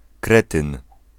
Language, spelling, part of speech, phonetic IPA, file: Polish, kretyn, noun, [ˈkrɛtɨ̃n], Pl-kretyn.ogg